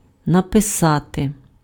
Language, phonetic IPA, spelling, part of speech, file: Ukrainian, [nɐpeˈsate], написати, verb, Uk-написати.ogg
- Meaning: to write